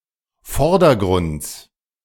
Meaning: genitive singular of Vordergrund
- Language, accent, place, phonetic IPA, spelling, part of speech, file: German, Germany, Berlin, [ˈfɔʁdɐˌɡʁʊnt͡s], Vordergrunds, noun, De-Vordergrunds.ogg